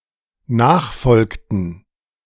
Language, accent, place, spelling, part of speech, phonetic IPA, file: German, Germany, Berlin, nachfolgten, verb, [ˈnaːxˌfɔlktn̩], De-nachfolgten.ogg
- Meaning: inflection of nachfolgen: 1. first/third-person plural dependent preterite 2. first/third-person plural dependent subjunctive II